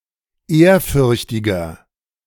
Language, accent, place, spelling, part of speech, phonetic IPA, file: German, Germany, Berlin, ehrfürchtiger, adjective, [ˈeːɐ̯ˌfʏʁçtɪɡɐ], De-ehrfürchtiger.ogg
- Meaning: 1. comparative degree of ehrfürchtig 2. inflection of ehrfürchtig: strong/mixed nominative masculine singular 3. inflection of ehrfürchtig: strong genitive/dative feminine singular